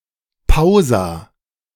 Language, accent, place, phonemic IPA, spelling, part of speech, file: German, Germany, Berlin, /ˈpaʊ̯za/, Pausa, noun, De-Pausa.ogg
- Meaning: pausa